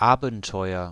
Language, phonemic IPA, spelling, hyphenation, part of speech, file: German, /ˈaːbəntɔʏ̯ɐ/, Abenteuer, Aben‧teu‧er, noun, De-Abenteuer.ogg
- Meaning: adventure